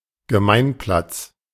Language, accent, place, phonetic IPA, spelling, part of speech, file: German, Germany, Berlin, [ɡəˈmaɪ̯nˌplat͡s], Gemeinplatz, noun, De-Gemeinplatz.ogg
- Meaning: commonplace, truism